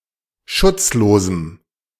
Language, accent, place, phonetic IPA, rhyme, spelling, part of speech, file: German, Germany, Berlin, [ˈʃʊt͡sˌloːzm̩], -ʊt͡sloːzm̩, schutzlosem, adjective, De-schutzlosem.ogg
- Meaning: strong dative masculine/neuter singular of schutzlos